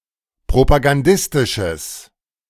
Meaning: strong/mixed nominative/accusative neuter singular of propagandistisch
- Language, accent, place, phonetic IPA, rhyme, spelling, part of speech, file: German, Germany, Berlin, [pʁopaɡanˈdɪstɪʃəs], -ɪstɪʃəs, propagandistisches, adjective, De-propagandistisches.ogg